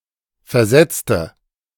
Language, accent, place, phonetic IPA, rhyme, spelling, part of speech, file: German, Germany, Berlin, [fɛɐ̯ˈzɛt͡stə], -ɛt͡stə, versetzte, adjective / verb, De-versetzte.ogg
- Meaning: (adjective) inflection of versetzt: 1. strong/mixed nominative/accusative feminine singular 2. strong nominative/accusative plural 3. weak nominative all-gender singular